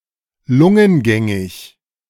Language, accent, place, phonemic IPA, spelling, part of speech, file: German, Germany, Berlin, /ˈlʊŋənˌɡɛŋɪç/, lungengängig, adjective, De-lungengängig.ogg
- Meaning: respirable